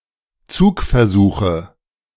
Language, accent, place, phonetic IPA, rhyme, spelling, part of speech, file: German, Germany, Berlin, [ˈt͡suːkfɛɐ̯ˌzuːxə], -uːkfɛɐ̯zuːxə, Zugversuche, noun, De-Zugversuche.ogg
- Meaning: nominative/accusative/genitive plural of Zugversuch